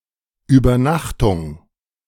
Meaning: 1. overnight stay (at a hotel etc.) 2. sleepover
- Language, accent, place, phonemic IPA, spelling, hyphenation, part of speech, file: German, Germany, Berlin, /ˌʔyːbɐˈnaxtʊŋ/, Übernachtung, Über‧nach‧tung, noun, De-Übernachtung.ogg